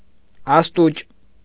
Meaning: dry (of bread)
- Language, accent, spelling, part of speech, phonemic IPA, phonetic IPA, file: Armenian, Eastern Armenian, աստուճ, adjective, /ɑsˈtut͡ʃ/, [ɑstút͡ʃ], Hy-աստուճ.ogg